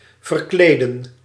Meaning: 1. to dress up, put on a costume 2. to get changed 3. to change someone's clothes
- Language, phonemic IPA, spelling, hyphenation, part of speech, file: Dutch, /vərˈkleːdə(n)/, verkleden, ver‧kle‧den, verb, Nl-verkleden.ogg